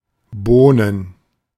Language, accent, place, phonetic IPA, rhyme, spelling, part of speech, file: German, Germany, Berlin, [ˈboːnən], -oːnən, Bohnen, noun, De-Bohnen.ogg
- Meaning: plural of Bohne (“bean”)